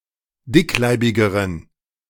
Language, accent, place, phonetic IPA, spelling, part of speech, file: German, Germany, Berlin, [ˈdɪkˌlaɪ̯bɪɡəʁən], dickleibigeren, adjective, De-dickleibigeren.ogg
- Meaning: inflection of dickleibig: 1. strong genitive masculine/neuter singular comparative degree 2. weak/mixed genitive/dative all-gender singular comparative degree